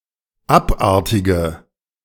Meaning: inflection of abartig: 1. strong/mixed nominative/accusative feminine singular 2. strong nominative/accusative plural 3. weak nominative all-gender singular 4. weak accusative feminine/neuter singular
- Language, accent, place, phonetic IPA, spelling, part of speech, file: German, Germany, Berlin, [ˈapˌʔaʁtɪɡə], abartige, adjective, De-abartige.ogg